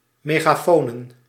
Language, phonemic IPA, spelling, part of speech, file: Dutch, /meɣaˈfonə/, megafonen, noun, Nl-megafonen.ogg
- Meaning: plural of megafoon